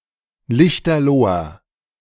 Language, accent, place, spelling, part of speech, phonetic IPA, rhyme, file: German, Germany, Berlin, lichterloher, adjective, [ˈlɪçtɐˈloːɐ], -oːɐ, De-lichterloher.ogg
- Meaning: inflection of lichterloh: 1. strong/mixed nominative masculine singular 2. strong genitive/dative feminine singular 3. strong genitive plural